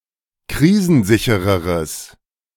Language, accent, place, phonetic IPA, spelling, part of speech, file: German, Germany, Berlin, [ˈkʁiːzn̩ˌzɪçəʁəʁəs], krisensichereres, adjective, De-krisensichereres.ogg
- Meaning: strong/mixed nominative/accusative neuter singular comparative degree of krisensicher